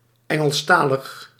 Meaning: 1. having knowledge of the English language, said especially of native speakers; anglophone 2. in the English language
- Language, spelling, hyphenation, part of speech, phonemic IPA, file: Dutch, Engelstalig, En‧gels‧ta‧lig, adjective, /ˌɛŋəlsˈtaːləx/, Nl-Engelstalig.ogg